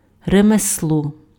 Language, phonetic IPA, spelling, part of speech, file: Ukrainian, [remesˈɫɔ], ремесло, noun, Uk-ремесло.ogg
- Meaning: craft